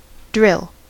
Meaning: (verb) 1. To create (a hole) by removing material with a drill (tool) 2. To practice, especially in (or as in) a military context 3. To cause to drill (practice); to train, especially in military arts
- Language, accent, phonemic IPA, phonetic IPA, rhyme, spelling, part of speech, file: English, US, /dɹɪl/, [dɹɪɫ], -ɪl, drill, verb / noun, En-us-drill.ogg